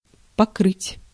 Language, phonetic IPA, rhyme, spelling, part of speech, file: Russian, [pɐˈkrɨtʲ], -ɨtʲ, покрыть, verb, Ru-покрыть.ogg
- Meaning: 1. to cover, to roof (a house) ; to thatch, to tile 2. to coat (with paint) 3. to cover, to trump (in card games) 4. to scold, to rail (at), to swear (at)